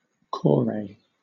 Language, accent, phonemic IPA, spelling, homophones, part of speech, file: English, Southern England, /ˈkɔːɹeɪ/, kore, korai / Corey / corey / Cory / cory, noun, LL-Q1860 (eng)-kore.wav
- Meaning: An Ancient Greek statue of a woman, portrayed standing, usually clothed, painted in bright colours and having an elaborate hairstyle